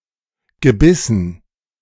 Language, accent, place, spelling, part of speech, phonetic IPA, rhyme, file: German, Germany, Berlin, gebissen, verb, [ɡəˈbɪsn̩], -ɪsn̩, De-gebissen.ogg
- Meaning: past participle of beißen